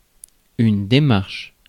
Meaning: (noun) 1. gait, walk 2. step, procedure, move, intervention 3. reasoning; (verb) inflection of démarcher: first/third-person singular present indicative/subjunctive
- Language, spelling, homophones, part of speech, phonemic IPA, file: French, démarche, démarchent / démarches, noun / verb, /de.maʁʃ/, Fr-démarche.ogg